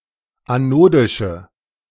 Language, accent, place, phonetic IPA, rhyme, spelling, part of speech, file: German, Germany, Berlin, [aˈnoːdɪʃə], -oːdɪʃə, anodische, adjective, De-anodische.ogg
- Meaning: inflection of anodisch: 1. strong/mixed nominative/accusative feminine singular 2. strong nominative/accusative plural 3. weak nominative all-gender singular